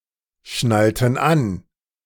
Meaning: inflection of anschnallen: 1. first/third-person plural preterite 2. first/third-person plural subjunctive II
- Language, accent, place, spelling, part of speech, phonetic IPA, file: German, Germany, Berlin, schnallten an, verb, [ˌʃnaltn̩ ˈan], De-schnallten an.ogg